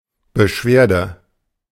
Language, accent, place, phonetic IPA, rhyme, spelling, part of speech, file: German, Germany, Berlin, [bəˈʃveːɐ̯də], -eːɐ̯də, Beschwerde, noun, De-Beschwerde.ogg
- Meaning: complaint (a grievance, problem, difficulty, or concern; the act of complaining)